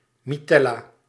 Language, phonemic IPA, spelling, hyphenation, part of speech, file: Dutch, /miˈtɛ.laː/, mitella, mi‧tel‧la, noun, Nl-mitella.ogg
- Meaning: sling (hanging bandage)